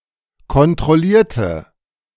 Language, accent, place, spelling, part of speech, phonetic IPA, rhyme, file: German, Germany, Berlin, kontrollierte, adjective / verb, [kɔntʁɔˈliːɐ̯tə], -iːɐ̯tə, De-kontrollierte.ogg
- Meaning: inflection of kontrollieren: 1. first/third-person singular preterite 2. first/third-person singular subjunctive II